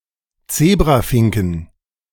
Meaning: 1. genitive singular of Zebrafink 2. plural of Zebrafink
- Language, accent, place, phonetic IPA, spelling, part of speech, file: German, Germany, Berlin, [ˈt͡seːbʁaˌfɪŋkn̩], Zebrafinken, noun, De-Zebrafinken.ogg